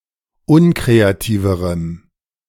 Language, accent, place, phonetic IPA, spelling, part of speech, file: German, Germany, Berlin, [ˈʊnkʁeaˌtiːvəʁəm], unkreativerem, adjective, De-unkreativerem.ogg
- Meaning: strong dative masculine/neuter singular comparative degree of unkreativ